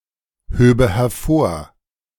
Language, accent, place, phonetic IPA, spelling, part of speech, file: German, Germany, Berlin, [ˌhøːbə hɛɐ̯ˈfoːɐ̯], höbe hervor, verb, De-höbe hervor.ogg
- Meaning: first/third-person singular subjunctive II of hervorheben